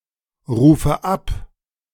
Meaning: inflection of abrufen: 1. first-person singular present 2. first/third-person singular subjunctive I 3. singular imperative
- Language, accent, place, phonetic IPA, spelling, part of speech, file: German, Germany, Berlin, [ˌʁuːfə ˈap], rufe ab, verb, De-rufe ab.ogg